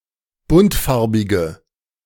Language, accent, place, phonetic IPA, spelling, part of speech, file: German, Germany, Berlin, [ˈbʊntˌfaʁbɪɡə], buntfarbige, adjective, De-buntfarbige.ogg
- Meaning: inflection of buntfarbig: 1. strong/mixed nominative/accusative feminine singular 2. strong nominative/accusative plural 3. weak nominative all-gender singular